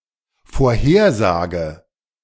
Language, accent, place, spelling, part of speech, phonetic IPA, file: German, Germany, Berlin, vorhersage, verb, [foːɐ̯ˈheːɐ̯ˌzaːɡə], De-vorhersage.ogg
- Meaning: inflection of vorhersagen: 1. first-person singular dependent present 2. first/third-person singular dependent subjunctive I